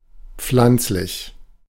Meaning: 1. herbal, vegetable 2. botanical
- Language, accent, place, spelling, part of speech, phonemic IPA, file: German, Germany, Berlin, pflanzlich, adjective, /ˈpflant͡slɪç/, De-pflanzlich.ogg